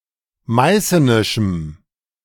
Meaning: strong dative masculine/neuter singular of meißenisch
- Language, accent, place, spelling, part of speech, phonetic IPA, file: German, Germany, Berlin, meißenischem, adjective, [ˈmaɪ̯sənɪʃm̩], De-meißenischem.ogg